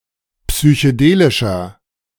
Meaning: inflection of psychedelisch: 1. strong/mixed nominative masculine singular 2. strong genitive/dative feminine singular 3. strong genitive plural
- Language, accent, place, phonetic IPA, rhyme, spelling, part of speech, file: German, Germany, Berlin, [psyçəˈdeːlɪʃɐ], -eːlɪʃɐ, psychedelischer, adjective, De-psychedelischer.ogg